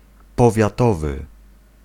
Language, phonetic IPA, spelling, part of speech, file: Polish, [ˌpɔvʲjaˈtɔvɨ], powiatowy, adjective, Pl-powiatowy.ogg